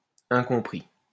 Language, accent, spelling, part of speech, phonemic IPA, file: French, France, incompris, adjective / noun, /ɛ̃.kɔ̃.pʁi/, LL-Q150 (fra)-incompris.wav
- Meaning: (adjective) misunderstood; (noun) a misunderstood person